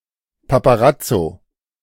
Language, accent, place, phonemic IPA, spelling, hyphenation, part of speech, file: German, Germany, Berlin, /papaˈʁatso/, Paparazzo, Pa‧pa‧raz‧zo, noun, De-Paparazzo.ogg
- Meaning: paparazzo (freelance photographer of celebrities)